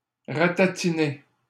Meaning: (verb) past participle of ratatiner; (adjective) shrivelled, wizened
- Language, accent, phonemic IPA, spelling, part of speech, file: French, Canada, /ʁa.ta.ti.ne/, ratatiné, verb / adjective, LL-Q150 (fra)-ratatiné.wav